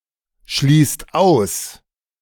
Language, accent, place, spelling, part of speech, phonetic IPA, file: German, Germany, Berlin, schließt aus, verb, [ˌʃliːst ˈaʊ̯s], De-schließt aus.ogg
- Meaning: inflection of ausschließen: 1. second/third-person singular present 2. second-person plural present 3. plural imperative